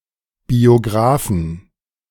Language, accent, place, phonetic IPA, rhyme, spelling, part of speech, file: German, Germany, Berlin, [bioˈɡʁaːfn̩], -aːfn̩, Biografen, noun, De-Biografen.ogg
- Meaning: 1. plural of Biograf 2. genitive singular of Biograf 3. dative singular of Biograf 4. accusative singular of Biograf